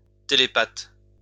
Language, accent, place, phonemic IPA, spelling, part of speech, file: French, France, Lyon, /te.le.pat/, télépathe, noun, LL-Q150 (fra)-télépathe.wav
- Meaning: telepath